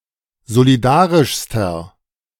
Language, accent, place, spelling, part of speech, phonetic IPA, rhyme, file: German, Germany, Berlin, solidarischster, adjective, [zoliˈdaːʁɪʃstɐ], -aːʁɪʃstɐ, De-solidarischster.ogg
- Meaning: inflection of solidarisch: 1. strong/mixed nominative masculine singular superlative degree 2. strong genitive/dative feminine singular superlative degree 3. strong genitive plural superlative degree